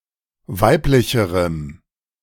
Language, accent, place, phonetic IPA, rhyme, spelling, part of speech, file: German, Germany, Berlin, [ˈvaɪ̯plɪçəʁəm], -aɪ̯plɪçəʁəm, weiblicherem, adjective, De-weiblicherem.ogg
- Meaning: strong dative masculine/neuter singular comparative degree of weiblich